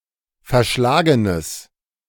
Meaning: strong/mixed nominative/accusative neuter singular of verschlagen
- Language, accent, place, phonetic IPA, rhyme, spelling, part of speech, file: German, Germany, Berlin, [fɛɐ̯ˈʃlaːɡənəs], -aːɡənəs, verschlagenes, adjective, De-verschlagenes.ogg